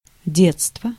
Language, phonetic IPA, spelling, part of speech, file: Russian, [ˈdʲet͡stvə], детство, noun, Ru-детство.ogg
- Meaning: childhood